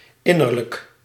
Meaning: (adjective) internal, interior, especially in relation to one's mental processes; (noun) personality, character, as opposed to appearance
- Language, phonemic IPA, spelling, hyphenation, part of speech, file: Dutch, /ˈɪ.nər.lək/, innerlijk, in‧ner‧lijk, adjective / noun, Nl-innerlijk.ogg